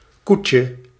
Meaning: 1. diminutive of koe 2. diminutive of koet
- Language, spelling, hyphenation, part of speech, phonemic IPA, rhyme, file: Dutch, koetje, koe‧tje, noun, /ˈkutjə/, -utjə, Nl-koetje.ogg